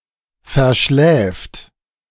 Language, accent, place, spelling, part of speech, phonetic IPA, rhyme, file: German, Germany, Berlin, verschläft, verb, [fɛɐ̯ˈʃlɛːft], -ɛːft, De-verschläft.ogg
- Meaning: third-person singular present of verschlafen